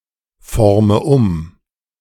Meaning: inflection of umformen: 1. first-person singular present 2. first/third-person singular subjunctive I 3. singular imperative
- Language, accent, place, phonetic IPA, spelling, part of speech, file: German, Germany, Berlin, [ˌfɔʁmə ˈʊm], forme um, verb, De-forme um.ogg